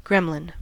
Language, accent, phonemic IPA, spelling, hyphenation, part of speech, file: English, General American, /ˈɡɹɛmlən/, gremlin, grem‧lin, noun, En-us-gremlin.ogg
- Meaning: 1. A contemptible person 2. An imaginary creature reputed to be mischievously inclined, for example, to damage or dismantle machinery